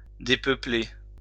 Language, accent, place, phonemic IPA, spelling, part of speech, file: French, France, Lyon, /de.pœ.ple/, dépeupler, verb, LL-Q150 (fra)-dépeupler.wav
- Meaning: to depopulate